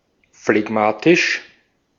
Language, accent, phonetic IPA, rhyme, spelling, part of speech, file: German, Austria, [flɛˈɡmaːtɪʃ], -aːtɪʃ, phlegmatisch, adjective, De-at-phlegmatisch.ogg
- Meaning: phlegmatic